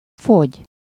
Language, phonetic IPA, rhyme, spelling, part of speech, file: Hungarian, [ˈfoɟ], -oɟ, fogy, verb, Hu-fogy.ogg
- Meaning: 1. to lessen, decrease, diminish 2. to lose weight (become thinner)